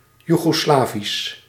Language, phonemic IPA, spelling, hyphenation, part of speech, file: Dutch, /ˌjuɣoːˈslaːvis/, Joegoslavisch, Joe‧go‧sla‧visch, adjective, Nl-Joegoslavisch.ogg
- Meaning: Yugoslavian